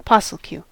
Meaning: Abbreviation of person of the opposite sex sharing living quarters
- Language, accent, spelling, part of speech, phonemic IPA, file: English, US, POSSLQ, noun, /ˈpɑsl̩ˌkju/, En-us-POSSLQ.ogg